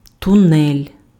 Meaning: tunnel
- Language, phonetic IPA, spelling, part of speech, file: Ukrainian, [tʊˈnɛlʲ], тунель, noun, Uk-тунель.ogg